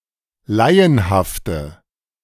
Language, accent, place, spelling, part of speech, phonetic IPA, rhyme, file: German, Germany, Berlin, laienhafte, adjective, [ˈlaɪ̯ənhaftə], -aɪ̯ənhaftə, De-laienhafte.ogg
- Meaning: inflection of laienhaft: 1. strong/mixed nominative/accusative feminine singular 2. strong nominative/accusative plural 3. weak nominative all-gender singular